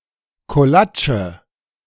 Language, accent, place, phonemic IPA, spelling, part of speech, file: German, Germany, Berlin, /koˈlaːt͡ʃə/, Kolatsche, noun, De-Kolatsche.ogg
- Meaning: type of pastry that holds a portion of fruit or cheese, surrounded by a puffy cushion of supple dough; kolach